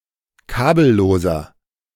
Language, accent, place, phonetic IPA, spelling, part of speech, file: German, Germany, Berlin, [ˈkaːbl̩ˌloːzɐ], kabelloser, adjective, De-kabelloser.ogg
- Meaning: inflection of kabellos: 1. strong/mixed nominative masculine singular 2. strong genitive/dative feminine singular 3. strong genitive plural